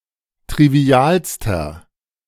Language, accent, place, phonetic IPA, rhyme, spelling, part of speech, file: German, Germany, Berlin, [tʁiˈvi̯aːlstɐ], -aːlstɐ, trivialster, adjective, De-trivialster.ogg
- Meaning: inflection of trivial: 1. strong/mixed nominative masculine singular superlative degree 2. strong genitive/dative feminine singular superlative degree 3. strong genitive plural superlative degree